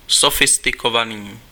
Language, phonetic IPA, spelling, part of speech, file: Czech, [ˈsofɪstɪkovaniː], sofistikovaný, adjective, Cs-sofistikovaný.ogg
- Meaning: sophisticated